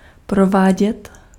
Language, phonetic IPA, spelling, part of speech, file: Czech, [ˈprovaːɟɛt], provádět, verb, Cs-provádět.ogg
- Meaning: imperfective form of provést